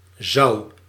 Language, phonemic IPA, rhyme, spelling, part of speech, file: Dutch, /zɑu̯/, -ɑu̯, zou, verb, Nl-zou.ogg
- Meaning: singular past indicative of zullen